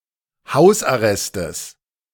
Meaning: genitive singular of Hausarrest
- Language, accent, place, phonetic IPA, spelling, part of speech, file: German, Germany, Berlin, [ˈhaʊ̯sʔaˌʁɛstəs], Hausarrestes, noun, De-Hausarrestes.ogg